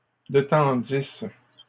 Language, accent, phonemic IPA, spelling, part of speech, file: French, Canada, /de.tɑ̃.dis/, détendisse, verb, LL-Q150 (fra)-détendisse.wav
- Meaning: first-person singular imperfect subjunctive of détendre